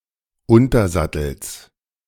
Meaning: genitive singular of Untersattel
- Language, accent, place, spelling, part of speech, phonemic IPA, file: German, Germany, Berlin, Untersattels, noun, /ˈʊntɐˌzatl̩s/, De-Untersattels.ogg